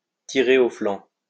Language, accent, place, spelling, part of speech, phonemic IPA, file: French, France, Lyon, tirer au flanc, verb, /ti.ʁe.ʁ‿o flɑ̃/, LL-Q150 (fra)-tirer au flanc.wav
- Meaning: to slack off, to loaf around, to bum around